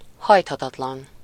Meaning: 1. inflexible, unbending 2. adamant
- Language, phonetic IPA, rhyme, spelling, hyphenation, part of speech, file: Hungarian, [ˈhɒjthɒtɒtlɒn], -ɒn, hajthatatlan, hajt‧ha‧tat‧lan, adjective, Hu-hajthatatlan.ogg